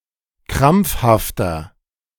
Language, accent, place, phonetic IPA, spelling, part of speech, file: German, Germany, Berlin, [ˈkʁamp͡fhaftɐ], krampfhafter, adjective, De-krampfhafter.ogg
- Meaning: 1. comparative degree of krampfhaft 2. inflection of krampfhaft: strong/mixed nominative masculine singular 3. inflection of krampfhaft: strong genitive/dative feminine singular